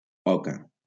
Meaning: goose
- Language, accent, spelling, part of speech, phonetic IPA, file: Catalan, Valencia, oca, noun, [ˈɔ.ka], LL-Q7026 (cat)-oca.wav